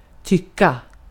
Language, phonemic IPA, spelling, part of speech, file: Swedish, /ˈtʏkːa/, tycka, verb, Sv-tycka.ogg
- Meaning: 1. to be of the opinion (subjectively or objectively), to think 2. to opine, to (publicly) express an opinion (often but not always with implications of a less well-grounded opinion)